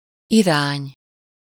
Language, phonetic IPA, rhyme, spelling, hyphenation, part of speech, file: Hungarian, [ˈiraːɲ], -aːɲ, irány, irány, noun, Hu-irány.ogg
- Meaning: 1. direction, way 2. towards